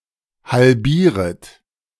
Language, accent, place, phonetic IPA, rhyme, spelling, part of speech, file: German, Germany, Berlin, [halˈbiːʁət], -iːʁət, halbieret, verb, De-halbieret.ogg
- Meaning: second-person plural subjunctive I of halbieren